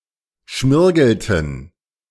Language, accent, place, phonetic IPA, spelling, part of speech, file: German, Germany, Berlin, [ˈʃmɪʁɡl̩tn̩], schmirgelten, verb, De-schmirgelten.ogg
- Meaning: inflection of schmirgeln: 1. first/third-person plural preterite 2. first/third-person plural subjunctive II